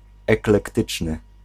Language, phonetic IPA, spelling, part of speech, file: Polish, [ˌɛklɛkˈtɨt͡ʃnɨ], eklektyczny, adjective, Pl-eklektyczny.ogg